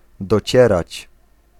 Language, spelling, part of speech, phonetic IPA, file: Polish, docierać, verb, [dɔˈt͡ɕɛrat͡ɕ], Pl-docierać.ogg